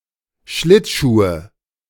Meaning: nominative/accusative/genitive plural of Schlittschuh
- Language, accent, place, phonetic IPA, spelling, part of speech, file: German, Germany, Berlin, [ˈʃlɪtˌʃuːə], Schlittschuhe, noun, De-Schlittschuhe.ogg